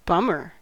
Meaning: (noun) 1. A forager, especially in Sherman's March to the Sea of November to December 1864 2. An idle, worthless fellow, without any visible means of support; a dissipated sponger
- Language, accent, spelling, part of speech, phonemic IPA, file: English, US, bummer, noun / interjection / adjective, /ˈbʌ.mɚ/, En-us-bummer.ogg